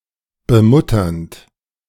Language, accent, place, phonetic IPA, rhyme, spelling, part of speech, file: German, Germany, Berlin, [bəˈmʊtɐnt], -ʊtɐnt, bemutternd, verb, De-bemutternd.ogg
- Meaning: present participle of bemuttern